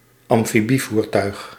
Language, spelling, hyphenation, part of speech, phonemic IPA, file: Dutch, amfibievoertuig, am‧fi‧bie‧voer‧tuig, noun, /ɑm.fiˈbi.vurˌtœy̯x/, Nl-amfibievoertuig.ogg
- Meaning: amphibious vehicle